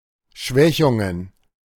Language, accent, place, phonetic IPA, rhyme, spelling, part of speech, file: German, Germany, Berlin, [ˈʃvɛçʊŋən], -ɛçʊŋən, Schwächungen, noun, De-Schwächungen.ogg
- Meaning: plural of Schwächung